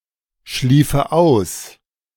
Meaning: first/third-person singular subjunctive II of ausschlafen
- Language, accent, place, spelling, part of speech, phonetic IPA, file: German, Germany, Berlin, schliefe aus, verb, [ˌʃliːfə ˈaʊ̯s], De-schliefe aus.ogg